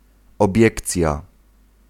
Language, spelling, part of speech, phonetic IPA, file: Polish, obiekcja, noun, [ɔˈbʲjɛkt͡sʲja], Pl-obiekcja.ogg